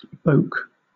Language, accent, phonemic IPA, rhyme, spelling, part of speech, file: English, Southern England, /boʊk/, -oʊk, bowk, verb, LL-Q1860 (eng)-bowk.wav
- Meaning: 1. To belch, to burp 2. To vomit